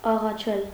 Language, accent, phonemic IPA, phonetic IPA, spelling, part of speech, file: Armenian, Eastern Armenian, /ɑʁɑˈt͡ʃʰel/, [ɑʁɑt͡ʃʰél], աղաչել, verb, Hy-աղաչել.ogg
- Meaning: to entreat, to beg, to pray, to implore, to supplicate (for)